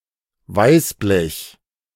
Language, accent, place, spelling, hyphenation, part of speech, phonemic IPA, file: German, Germany, Berlin, Weißblech, Weiß‧blech, noun, /ˈvaɪ̯sˌblɛç/, De-Weißblech.ogg
- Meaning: tinplate